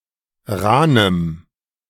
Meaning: strong dative masculine/neuter singular of rahn
- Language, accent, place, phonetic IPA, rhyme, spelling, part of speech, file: German, Germany, Berlin, [ˈʁaːnəm], -aːnəm, rahnem, adjective, De-rahnem.ogg